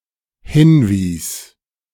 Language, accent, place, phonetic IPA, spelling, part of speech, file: German, Germany, Berlin, [ˈhɪnˌviːs], hinwies, verb, De-hinwies.ogg
- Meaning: first/third-person singular dependent preterite of hinweisen